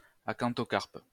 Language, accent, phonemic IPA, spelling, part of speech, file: French, France, /a.kɑ̃.tɔ.kaʁp/, acanthocarpe, adjective, LL-Q150 (fra)-acanthocarpe.wav
- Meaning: acanthocarpous